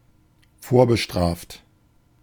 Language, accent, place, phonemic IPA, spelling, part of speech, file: German, Germany, Berlin, /ˈfoːɐ̯bəˌʃtʁaːft/, vorbestraft, adjective, De-vorbestraft.ogg
- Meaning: previously convicted